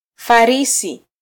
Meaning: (adjective) expert, skillful, proficient; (noun) 1. expert, master 2. knight, hero
- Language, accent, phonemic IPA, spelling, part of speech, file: Swahili, Kenya, /fɑˈɾi.si/, farisi, adjective / noun, Sw-ke-farisi.flac